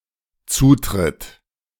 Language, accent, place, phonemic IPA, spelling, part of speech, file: German, Germany, Berlin, /ˈt͡suːtʁɪt/, Zutritt, noun, De-Zutritt.ogg
- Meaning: 1. access, admittance 2. entrance, entry